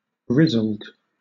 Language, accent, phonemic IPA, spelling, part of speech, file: English, Southern England, /ˈɹɪzəld/, wrizled, adjective, LL-Q1860 (eng)-wrizled.wav
- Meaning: Alternative spelling of writhled